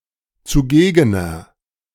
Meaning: inflection of zugegen: 1. strong/mixed nominative masculine singular 2. strong genitive/dative feminine singular 3. strong genitive plural
- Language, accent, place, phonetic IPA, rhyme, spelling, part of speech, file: German, Germany, Berlin, [t͡suˈɡeːɡənɐ], -eːɡənɐ, zugegener, adjective, De-zugegener.ogg